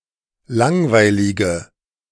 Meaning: inflection of langweilig: 1. strong/mixed nominative/accusative feminine singular 2. strong nominative/accusative plural 3. weak nominative all-gender singular
- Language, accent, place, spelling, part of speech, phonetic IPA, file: German, Germany, Berlin, langweilige, adjective, [ˈlaŋvaɪ̯lɪɡə], De-langweilige.ogg